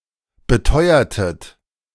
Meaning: inflection of beteuern: 1. second-person plural preterite 2. second-person plural subjunctive II
- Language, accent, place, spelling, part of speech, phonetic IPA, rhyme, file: German, Germany, Berlin, beteuertet, verb, [bəˈtɔɪ̯ɐtət], -ɔɪ̯ɐtət, De-beteuertet.ogg